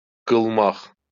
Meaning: to do
- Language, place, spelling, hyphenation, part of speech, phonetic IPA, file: Azerbaijani, Baku, qılmaq, qıl‧maq, verb, [ɡɯɫˈmɑχ], LL-Q9292 (aze)-qılmaq.wav